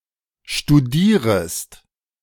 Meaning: second-person singular subjunctive I of studieren
- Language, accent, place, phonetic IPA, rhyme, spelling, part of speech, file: German, Germany, Berlin, [ʃtuˈdiːʁəst], -iːʁəst, studierest, verb, De-studierest.ogg